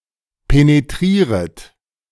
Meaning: second-person plural subjunctive I of penetrieren
- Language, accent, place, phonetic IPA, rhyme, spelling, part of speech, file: German, Germany, Berlin, [peneˈtʁiːʁət], -iːʁət, penetrieret, verb, De-penetrieret.ogg